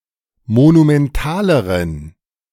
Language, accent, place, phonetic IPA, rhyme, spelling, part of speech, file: German, Germany, Berlin, [monumɛnˈtaːləʁən], -aːləʁən, monumentaleren, adjective, De-monumentaleren.ogg
- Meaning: inflection of monumental: 1. strong genitive masculine/neuter singular comparative degree 2. weak/mixed genitive/dative all-gender singular comparative degree